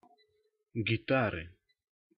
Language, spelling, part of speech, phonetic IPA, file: Russian, гитары, noun, [ɡʲɪˈtarɨ], Ru-гитары.ogg
- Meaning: inflection of гита́ра (gitára): 1. genitive singular 2. nominative/accusative plural